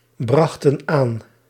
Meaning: inflection of aanbrengen: 1. plural past indicative 2. plural past subjunctive
- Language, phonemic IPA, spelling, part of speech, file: Dutch, /ˈbrɑxtə(n) ˈan/, brachten aan, verb, Nl-brachten aan.ogg